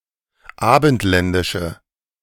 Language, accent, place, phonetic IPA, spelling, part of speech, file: German, Germany, Berlin, [ˈaːbn̩tˌlɛndɪʃə], abendländische, adjective, De-abendländische.ogg
- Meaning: inflection of abendländisch: 1. strong/mixed nominative/accusative feminine singular 2. strong nominative/accusative plural 3. weak nominative all-gender singular